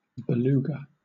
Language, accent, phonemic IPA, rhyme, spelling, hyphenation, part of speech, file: English, Southern England, /bəˈluːɡə/, -uːɡə, beluga, be‧lu‧ga, noun, LL-Q1860 (eng)-beluga.wav
- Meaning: 1. A whale, Delphinapterus leucas, found in the Arctic Ocean 2. A fish, Huso huso, that is a source of caviar, which is found in the Black Sea and the Caspian Sea